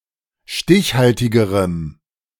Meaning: strong dative masculine/neuter singular comparative degree of stichhaltig
- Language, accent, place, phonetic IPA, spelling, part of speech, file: German, Germany, Berlin, [ˈʃtɪçˌhaltɪɡəʁəm], stichhaltigerem, adjective, De-stichhaltigerem.ogg